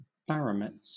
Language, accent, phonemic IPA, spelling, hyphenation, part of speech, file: English, Southern England, /ˈbæɹəmɛts/, barometz, ba‧ro‧metz, noun, LL-Q1860 (eng)-barometz.wav
- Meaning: A purported zoophyte, half-animal and half-plant, said to grow in the form of a sheep